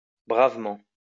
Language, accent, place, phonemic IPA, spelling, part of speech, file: French, France, Lyon, /bʁav.mɑ̃/, bravement, adverb, LL-Q150 (fra)-bravement.wav
- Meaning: bravely